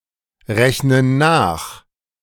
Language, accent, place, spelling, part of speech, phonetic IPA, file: German, Germany, Berlin, rechnen nach, verb, [ˌʁɛçnən ˈnaːx], De-rechnen nach.ogg
- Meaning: inflection of nachrechnen: 1. first/third-person plural present 2. first/third-person plural subjunctive I